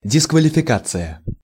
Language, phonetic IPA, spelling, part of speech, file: Russian, [dʲɪskvəlʲɪfʲɪˈkat͡sɨjə], дисквалификация, noun, Ru-дисквалификация.ogg
- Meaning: disqualification